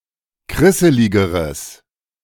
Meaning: strong/mixed nominative/accusative neuter singular comparative degree of krisselig
- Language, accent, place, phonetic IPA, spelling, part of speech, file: German, Germany, Berlin, [ˈkʁɪsəlɪɡəʁəs], krisseligeres, adjective, De-krisseligeres.ogg